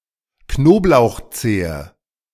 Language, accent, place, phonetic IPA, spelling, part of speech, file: German, Germany, Berlin, [ˈknoːplaʊ̯xˌt͡seːə], Knoblauchzehe, noun, De-Knoblauchzehe.ogg
- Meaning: clove of garlic